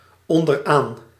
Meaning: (preposition) at the bottom of; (adverb) at the bottom
- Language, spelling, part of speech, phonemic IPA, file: Dutch, onderaan, adverb / preposition, /ˌɔndərˈan/, Nl-onderaan.ogg